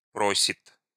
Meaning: third-person singular present indicative imperfective of проси́ть (prosítʹ)
- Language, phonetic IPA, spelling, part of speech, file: Russian, [ˈprosʲɪt], просит, verb, Ru-просит.ogg